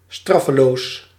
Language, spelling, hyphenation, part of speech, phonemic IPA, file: Dutch, straffeloos, straf‧fe‧loos, adverb / adjective, /ˈstrɑ.fəˌloːs/, Nl-straffeloos.ogg
- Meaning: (adverb) 1. unpunished 2. with impunity, without (fear) of retribution; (adjective) unpunished, with impunity